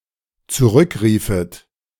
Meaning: second-person plural dependent subjunctive II of zurückrufen
- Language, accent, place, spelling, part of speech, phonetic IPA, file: German, Germany, Berlin, zurückriefet, verb, [t͡suˈʁʏkˌʁiːfət], De-zurückriefet.ogg